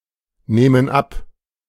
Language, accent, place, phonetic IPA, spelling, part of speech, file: German, Germany, Berlin, [ˌnɛːmən ˈap], nähmen ab, verb, De-nähmen ab.ogg
- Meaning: first/third-person plural subjunctive II of abnehmen